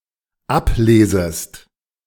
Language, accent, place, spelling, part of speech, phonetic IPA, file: German, Germany, Berlin, ablesest, verb, [ˈapˌleːzəst], De-ablesest.ogg
- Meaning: second-person singular dependent subjunctive I of ablesen